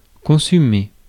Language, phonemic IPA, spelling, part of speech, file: French, /kɔ̃.sy.me/, consumer, verb, Fr-consumer.ogg
- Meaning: 1. to consume; to use up 2. to consume